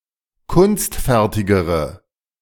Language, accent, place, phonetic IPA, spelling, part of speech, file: German, Germany, Berlin, [ˈkʊnstˌfɛʁtɪɡəʁə], kunstfertigere, adjective, De-kunstfertigere.ogg
- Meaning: inflection of kunstfertig: 1. strong/mixed nominative/accusative feminine singular comparative degree 2. strong nominative/accusative plural comparative degree